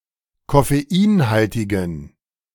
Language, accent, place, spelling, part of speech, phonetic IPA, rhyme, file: German, Germany, Berlin, koffeinhaltigen, adjective, [kɔfeˈiːnˌhaltɪɡn̩], -iːnhaltɪɡn̩, De-koffeinhaltigen.ogg
- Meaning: inflection of koffeinhaltig: 1. strong genitive masculine/neuter singular 2. weak/mixed genitive/dative all-gender singular 3. strong/weak/mixed accusative masculine singular 4. strong dative plural